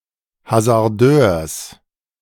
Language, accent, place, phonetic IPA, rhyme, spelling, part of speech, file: German, Germany, Berlin, [hazaʁˈdøːɐ̯s], -øːɐ̯s, Hasardeurs, noun, De-Hasardeurs.ogg
- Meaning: genitive singular of Hasardeur